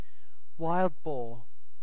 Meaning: A wild swine native to Eurasia and North Africa (Sus scrofa), now widely distributed elsewhere and ancestor of most domestic pig breeds
- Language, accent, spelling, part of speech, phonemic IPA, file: English, UK, wild boar, noun, /ˈwaɪld ˈbɔː/, En-uk-wild boar.ogg